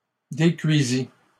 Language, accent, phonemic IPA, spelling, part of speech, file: French, Canada, /de.kɥi.zi/, décuisis, verb, LL-Q150 (fra)-décuisis.wav
- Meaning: first/second-person singular past historic of décuire